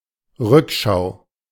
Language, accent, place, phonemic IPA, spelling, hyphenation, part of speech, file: German, Germany, Berlin, /ˈʁʏkˌʃaʊ̯/, Rückschau, Rück‧schau, noun, De-Rückschau.ogg
- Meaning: 1. looking back 2. review, retrospective, look-back